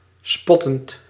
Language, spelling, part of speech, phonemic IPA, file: Dutch, spottend, verb / adjective, /ˈspɔtənt/, Nl-spottend.ogg
- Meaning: present participle of spotten